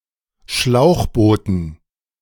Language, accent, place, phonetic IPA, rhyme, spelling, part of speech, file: German, Germany, Berlin, [ˈʃlaʊ̯xˌboːtn̩], -aʊ̯xboːtn̩, Schlauchbooten, noun, De-Schlauchbooten.ogg
- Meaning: dative plural of Schlauchboot